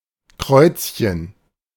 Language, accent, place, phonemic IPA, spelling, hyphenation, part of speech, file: German, Germany, Berlin, /ˈkʁɔʏ̯tsçən/, Kreuzchen, Kreuz‧chen, noun, De-Kreuzchen.ogg
- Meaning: 1. diminutive of Kreuz; a small cross 2. cross-mark, X mark